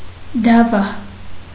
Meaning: 1. camel 2. fabric made from camel hair 3. alternative form of դավի (davi)
- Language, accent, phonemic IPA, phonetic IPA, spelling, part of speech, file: Armenian, Eastern Armenian, /dɑˈvɑ/, [dɑvɑ́], դավա, noun, Hy-դավա.ogg